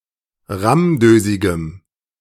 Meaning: strong dative masculine/neuter singular of rammdösig
- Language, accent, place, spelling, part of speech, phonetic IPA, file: German, Germany, Berlin, rammdösigem, adjective, [ˈʁamˌdøːzɪɡəm], De-rammdösigem.ogg